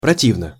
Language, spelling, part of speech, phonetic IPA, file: Russian, противно, adverb / preposition / adjective, [prɐˈtʲivnə], Ru-противно.ogg
- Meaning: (adverb) disgustingly; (preposition) against; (adjective) short neuter singular of проти́вный (protívnyj)